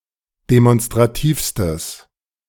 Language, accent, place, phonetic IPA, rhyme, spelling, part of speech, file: German, Germany, Berlin, [demɔnstʁaˈtiːfstəs], -iːfstəs, demonstrativstes, adjective, De-demonstrativstes.ogg
- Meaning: strong/mixed nominative/accusative neuter singular superlative degree of demonstrativ